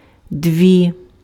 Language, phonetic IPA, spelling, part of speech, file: Ukrainian, [ˈdʋi], дві, numeral, Uk-дві.ogg
- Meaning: inflection of два (dva): 1. nominative/vocative feminine plural 2. inanimate accusative feminine plural